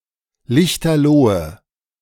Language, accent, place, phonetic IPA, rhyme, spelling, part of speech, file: German, Germany, Berlin, [ˈlɪçtɐˈloːə], -oːə, lichterlohe, adjective, De-lichterlohe.ogg
- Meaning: inflection of lichterloh: 1. strong/mixed nominative/accusative feminine singular 2. strong nominative/accusative plural 3. weak nominative all-gender singular